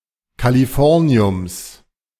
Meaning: genitive singular of Californium
- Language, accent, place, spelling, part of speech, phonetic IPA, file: German, Germany, Berlin, Californiums, noun, [kaliˈfɔʁni̯ʊms], De-Californiums.ogg